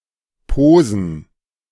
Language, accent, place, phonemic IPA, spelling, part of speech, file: German, Germany, Berlin, /ˈpoːzən/, Posen, proper noun / noun, De-Posen.ogg
- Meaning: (proper noun) Poznan (a city in Greater Poland, Poland); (noun) plural of Pose